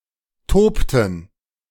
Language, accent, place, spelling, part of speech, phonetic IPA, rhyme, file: German, Germany, Berlin, tobten, verb, [ˈtoːptn̩], -oːptn̩, De-tobten.ogg
- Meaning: inflection of toben: 1. first/third-person plural preterite 2. first/third-person plural subjunctive II